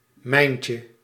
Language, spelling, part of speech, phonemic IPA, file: Dutch, mijntje, noun, /ˈmɛiɲcə/, Nl-mijntje.ogg
- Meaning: diminutive of mijn